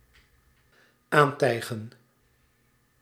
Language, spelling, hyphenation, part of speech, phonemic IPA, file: Dutch, aantijgen, aan‧tij‧gen, verb, /ˈaːnˌtɛi̯.ɣə(n)/, Nl-aantijgen.ogg
- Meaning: 1. to accuse (someone or something) of 2. to accuse 3. to put on 4. to move up to, to approach